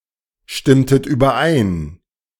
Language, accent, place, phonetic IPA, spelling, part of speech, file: German, Germany, Berlin, [ˌʃtɪmtət yːbɐˈʔaɪ̯n], stimmtet überein, verb, De-stimmtet überein.ogg
- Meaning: inflection of übereinstimmen: 1. second-person plural preterite 2. second-person plural subjunctive II